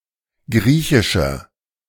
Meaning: inflection of griechisch: 1. strong/mixed nominative masculine singular 2. strong genitive/dative feminine singular 3. strong genitive plural
- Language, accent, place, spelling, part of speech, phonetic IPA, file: German, Germany, Berlin, griechischer, adjective, [ˈɡʁiːçɪʃɐ], De-griechischer.ogg